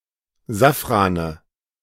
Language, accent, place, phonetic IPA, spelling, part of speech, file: German, Germany, Berlin, [ˈzafʁanə], Safrane, noun, De-Safrane.ogg
- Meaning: nominative/accusative/genitive plural of Safran